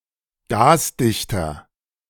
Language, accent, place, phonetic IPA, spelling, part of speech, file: German, Germany, Berlin, [ˈɡaːsˌdɪçtɐ], gasdichter, adjective, De-gasdichter.ogg
- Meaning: 1. comparative degree of gasdicht 2. inflection of gasdicht: strong/mixed nominative masculine singular 3. inflection of gasdicht: strong genitive/dative feminine singular